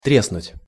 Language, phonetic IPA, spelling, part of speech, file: Russian, [ˈtrʲesnʊtʲ], треснуть, verb, Ru-треснуть.ogg
- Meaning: 1. to crack, to burst, to pop 2. to (begin to) collapse, to break down 3. to hit (on)